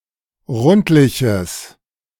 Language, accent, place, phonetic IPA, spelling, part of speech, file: German, Germany, Berlin, [ˈʁʊntlɪçəs], rundliches, adjective, De-rundliches.ogg
- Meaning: strong/mixed nominative/accusative neuter singular of rundlich